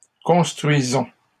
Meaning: inflection of construire: 1. first-person plural present indicative 2. first-person plural imperative
- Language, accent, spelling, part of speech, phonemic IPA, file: French, Canada, construisons, verb, /kɔ̃s.tʁɥi.zɔ̃/, LL-Q150 (fra)-construisons.wav